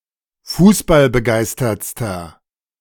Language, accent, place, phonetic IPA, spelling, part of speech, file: German, Germany, Berlin, [ˈfuːsbalbəˌɡaɪ̯stɐt͡stɐ], fußballbegeistertster, adjective, De-fußballbegeistertster.ogg
- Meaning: inflection of fußballbegeistert: 1. strong/mixed nominative masculine singular superlative degree 2. strong genitive/dative feminine singular superlative degree